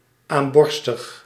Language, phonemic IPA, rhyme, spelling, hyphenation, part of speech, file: Dutch, /ˌaːmˈbɔr.stəx/, -ɔrstəx, aamborstig, aam‧bor‧stig, adjective, Nl-aamborstig.ogg
- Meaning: dyspneic